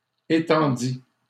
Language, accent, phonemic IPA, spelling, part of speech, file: French, Canada, /e.tɑ̃.di/, étendit, verb, LL-Q150 (fra)-étendit.wav
- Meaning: third-person singular past historic of étendre